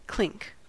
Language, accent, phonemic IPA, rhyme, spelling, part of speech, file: English, US, /klɪŋk/, -ɪŋk, clink, noun / verb, En-us-clink.ogg
- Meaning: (noun) 1. The sound of metal on metal, or glass on glass 2. Stress cracks produced in metal ingots as they cool after being cast